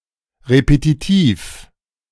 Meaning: repetitive
- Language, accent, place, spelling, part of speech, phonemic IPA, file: German, Germany, Berlin, repetitiv, adjective, /ʁepetiˈtiːf/, De-repetitiv.ogg